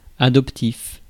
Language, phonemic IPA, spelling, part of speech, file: French, /a.dɔp.tif/, adoptif, adjective, Fr-adoptif.ogg
- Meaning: adoption; adoptive